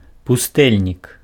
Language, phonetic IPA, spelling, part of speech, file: Belarusian, [puˈstɛlʲnʲik], пустэльнік, noun, Be-пустэльнік.ogg
- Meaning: hermit